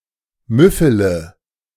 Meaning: inflection of müffeln: 1. first-person singular present 2. first-person plural subjunctive I 3. third-person singular subjunctive I 4. singular imperative
- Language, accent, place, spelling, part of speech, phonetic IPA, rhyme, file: German, Germany, Berlin, müffele, verb, [ˈmʏfələ], -ʏfələ, De-müffele.ogg